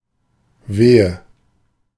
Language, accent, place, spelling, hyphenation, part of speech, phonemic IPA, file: German, Germany, Berlin, Wehe, We‧he, noun, /ˈveːə/, De-Wehe.ogg
- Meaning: 1. labour pain, contraction 2. alternative form of Weh (“pain”) 3. drift (a mass of matter which has been driven together by wind) 4. nominative/accusative/genitive plural of Weh